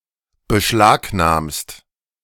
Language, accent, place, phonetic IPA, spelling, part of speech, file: German, Germany, Berlin, [bəˈʃlaːkˌnaːmst], beschlagnahmst, verb, De-beschlagnahmst.ogg
- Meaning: second-person singular present of beschlagnahmen